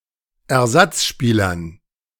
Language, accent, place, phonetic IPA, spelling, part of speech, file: German, Germany, Berlin, [ɛɐ̯ˈzat͡sˌʃpiːlɐn], Ersatzspielern, noun, De-Ersatzspielern.ogg
- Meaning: dative plural of Ersatzspieler